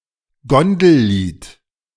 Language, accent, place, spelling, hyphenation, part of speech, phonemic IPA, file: German, Germany, Berlin, Gondellied, Gon‧del‧lied, noun, /ˈɡɔndl̩ˌliːt/, De-Gondellied.ogg
- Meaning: barcarole